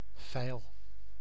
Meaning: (noun) a file (abrasive tool); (verb) inflection of vijlen: 1. first-person singular present indicative 2. second-person singular present indicative 3. imperative
- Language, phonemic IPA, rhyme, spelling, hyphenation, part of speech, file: Dutch, /vɛi̯l/, -ɛi̯l, vijl, vijl, noun / verb, Nl-vijl.ogg